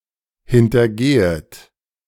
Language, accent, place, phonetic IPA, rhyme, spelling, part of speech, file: German, Germany, Berlin, [hɪntɐˈɡeːət], -eːət, hintergehet, verb, De-hintergehet.ogg
- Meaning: second-person plural subjunctive I of hintergehen